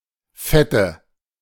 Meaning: nominative/accusative/genitive plural of Fett
- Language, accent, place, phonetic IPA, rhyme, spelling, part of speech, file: German, Germany, Berlin, [ˈfɛtə], -ɛtə, Fette, noun, De-Fette.ogg